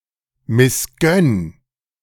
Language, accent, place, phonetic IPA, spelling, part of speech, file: German, Germany, Berlin, [mɪsˈɡœn], missgönn, verb, De-missgönn.ogg
- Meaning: 1. singular imperative of missgönnen 2. first-person singular present of missgönnen